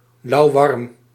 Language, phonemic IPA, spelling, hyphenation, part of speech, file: Dutch, /lɑu̯ˈʋɑrm/, lauwwarm, lauw‧warm, adjective, Nl-lauwwarm.ogg
- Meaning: lukewarm